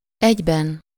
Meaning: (adverb) 1. at the same time, also, simultaneously 2. in one piece, in one block, whole; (numeral) inessive of egy
- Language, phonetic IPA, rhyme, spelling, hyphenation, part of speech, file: Hungarian, [ˈɛɟbɛn], -ɛn, egyben, egy‧ben, adverb / numeral, Hu-egyben.ogg